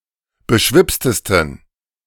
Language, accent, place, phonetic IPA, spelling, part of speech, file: German, Germany, Berlin, [bəˈʃvɪpstəstn̩], beschwipstesten, adjective, De-beschwipstesten.ogg
- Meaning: 1. superlative degree of beschwipst 2. inflection of beschwipst: strong genitive masculine/neuter singular superlative degree